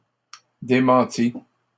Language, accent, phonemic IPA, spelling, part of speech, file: French, Canada, /de.mɑ̃.ti/, démenties, verb, LL-Q150 (fra)-démenties.wav
- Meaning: feminine plural of démenti